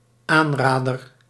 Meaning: recommendation (that which is recommended)
- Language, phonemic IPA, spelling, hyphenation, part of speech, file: Dutch, /ˈaːnˌraːdər/, aanrader, aan‧ra‧der, noun, Nl-aanrader.ogg